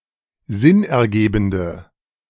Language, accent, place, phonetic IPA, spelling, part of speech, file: German, Germany, Berlin, [ˈzɪnʔɛɐ̯ˌɡeːbn̩də], sinnergebende, adjective, De-sinnergebende.ogg
- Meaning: inflection of sinnergebend: 1. strong/mixed nominative/accusative feminine singular 2. strong nominative/accusative plural 3. weak nominative all-gender singular